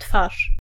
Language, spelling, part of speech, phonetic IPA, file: Polish, twarz, noun, [tfaʃ], Pl-twarz.ogg